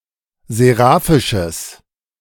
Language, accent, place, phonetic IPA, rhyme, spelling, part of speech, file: German, Germany, Berlin, [zeˈʁaːfɪʃəs], -aːfɪʃəs, seraphisches, adjective, De-seraphisches.ogg
- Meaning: strong/mixed nominative/accusative neuter singular of seraphisch